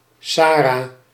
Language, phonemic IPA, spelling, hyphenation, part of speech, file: Dutch, /ˈsaː.raː/, Sarah, Sa‧rah, proper noun, Nl-Sarah.ogg
- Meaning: alternative form of Sara